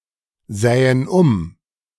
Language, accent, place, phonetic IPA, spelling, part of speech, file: German, Germany, Berlin, [ˌzɛːən ˈʊm], sähen um, verb, De-sähen um.ogg
- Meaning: first-person plural subjunctive II of umsehen